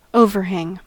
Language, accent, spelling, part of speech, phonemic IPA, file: English, US, overhang, verb / noun, /ˈoʊvəɹˌhæŋ/, En-us-overhang.ogg
- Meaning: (verb) 1. To hang over (something) 2. To impend; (noun) The volume that tips the balance between the demand and the supply toward demand lagging supply